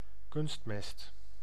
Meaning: artificial fertilizer
- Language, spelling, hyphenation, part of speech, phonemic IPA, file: Dutch, kunstmest, kunst‧mest, noun, /ˈkʏnst.mɛst/, Nl-kunstmest.ogg